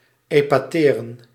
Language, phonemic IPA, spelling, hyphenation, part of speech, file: Dutch, /ˌeː.paːˈteː.rə(n)/, epateren, epa‧te‧ren, verb, Nl-epateren.ogg
- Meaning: to amaze, to astound, to baffle